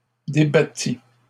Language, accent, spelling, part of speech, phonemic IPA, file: French, Canada, débattis, verb, /de.ba.ti/, LL-Q150 (fra)-débattis.wav
- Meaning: first/second-person singular past historic of débattre